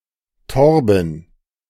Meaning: a male given name recently borrowed from Danish Torben; variant form Thorben
- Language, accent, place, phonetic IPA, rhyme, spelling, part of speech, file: German, Germany, Berlin, [ˈtɔʁbn̩], -ɔʁbn̩, Torben, proper noun, De-Torben.ogg